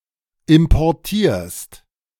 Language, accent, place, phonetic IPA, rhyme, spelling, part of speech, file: German, Germany, Berlin, [ɪmpɔʁˈtiːɐ̯st], -iːɐ̯st, importierst, verb, De-importierst.ogg
- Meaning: second-person singular present of importieren